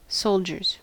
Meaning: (noun) plural of soldier; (verb) third-person singular simple present indicative of soldier
- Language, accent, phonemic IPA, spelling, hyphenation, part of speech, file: English, US, /ˈsoʊld͡ʒɚz/, soldiers, sol‧diers, noun / verb, En-us-soldiers.ogg